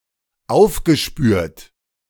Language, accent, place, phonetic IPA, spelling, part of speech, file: German, Germany, Berlin, [ˈaʊ̯fɡəˌʃpyːɐ̯t], aufgespürt, verb, De-aufgespürt.ogg
- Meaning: past participle of aufspüren